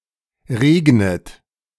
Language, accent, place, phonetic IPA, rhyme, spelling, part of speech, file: German, Germany, Berlin, [ˈʁeːɡnət], -eːɡnət, regnet, verb, De-regnet.ogg
- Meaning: inflection of regnen: 1. third-person singular present 2. second-person plural present 3. second-person plural subjunctive I 4. plural imperative